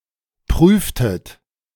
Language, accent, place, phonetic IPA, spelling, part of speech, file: German, Germany, Berlin, [ˈpʁyːftət], prüftet, verb, De-prüftet.ogg
- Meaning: inflection of prüfen: 1. second-person plural preterite 2. second-person plural subjunctive II